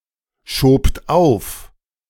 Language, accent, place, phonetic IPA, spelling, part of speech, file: German, Germany, Berlin, [ˌʃoːpt ˈaʊ̯f], schobt auf, verb, De-schobt auf.ogg
- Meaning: second-person plural preterite of aufschieben